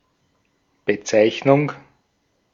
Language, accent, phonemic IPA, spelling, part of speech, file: German, Austria, /bəˈtsaɪ̯çnʊŋ/, Bezeichnung, noun, De-at-Bezeichnung.ogg
- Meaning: 1. designation, denomination, name, term 2. denotation, representation